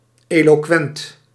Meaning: eloquent
- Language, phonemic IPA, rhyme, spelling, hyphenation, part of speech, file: Dutch, /ˌeː.loːˈkʋɛnt/, -ɛnt, eloquent, elo‧quent, adjective, Nl-eloquent.ogg